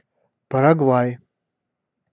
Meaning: Paraguay (a country in South America)
- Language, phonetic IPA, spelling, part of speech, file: Russian, [pərɐɡˈvaj], Парагвай, proper noun, Ru-Парагвай.ogg